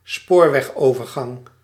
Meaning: level crossing
- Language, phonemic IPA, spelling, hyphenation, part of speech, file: Dutch, /ˈspoːr.ʋɛxˌoː.vər.ɣɑŋ/, spoorwegovergang, spoor‧weg‧over‧gang, noun, Nl-spoorwegovergang.ogg